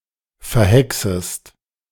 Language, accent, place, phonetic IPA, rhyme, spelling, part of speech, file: German, Germany, Berlin, [fɛɐ̯ˈhɛksəst], -ɛksəst, verhexest, verb, De-verhexest.ogg
- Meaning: second-person singular subjunctive I of verhexen